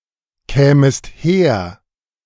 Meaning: second-person singular subjunctive I of herkommen
- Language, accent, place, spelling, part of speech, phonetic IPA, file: German, Germany, Berlin, kämest her, verb, [ˌkɛːməst ˈheːɐ̯], De-kämest her.ogg